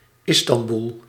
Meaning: 1. Istanbul (a city in Turkey) 2. Istanbul (a province in Turkey)
- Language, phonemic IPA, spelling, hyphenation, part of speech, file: Dutch, /ˈɪs.tɑnˌbul/, Istanbul, Is‧tan‧bul, proper noun, Nl-Istanbul.ogg